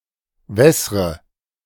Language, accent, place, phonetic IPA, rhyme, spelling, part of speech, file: German, Germany, Berlin, [ˈvɛsʁə], -ɛsʁə, wässre, verb, De-wässre.ogg
- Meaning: inflection of wässern: 1. first-person singular present 2. first/third-person singular subjunctive I 3. singular imperative